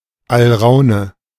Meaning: mandrake (botany)
- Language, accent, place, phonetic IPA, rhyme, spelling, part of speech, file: German, Germany, Berlin, [alˈʁaʊ̯nə], -aʊ̯nə, Alraune, noun, De-Alraune.ogg